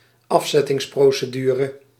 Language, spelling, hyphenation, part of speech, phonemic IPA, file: Dutch, afzettingsprocedure, af‧zet‧tings‧pro‧ce‧du‧re, noun, /ˈɑf.zɛ.tɪŋs.proː.səˌdyː.rə/, Nl-afzettingsprocedure.ogg
- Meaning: deposition procedure, impeachment procedure